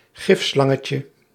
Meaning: diminutive of gifslang
- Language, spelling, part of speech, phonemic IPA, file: Dutch, gifslangetje, noun, /ˈɣɪfslɑŋəcə/, Nl-gifslangetje.ogg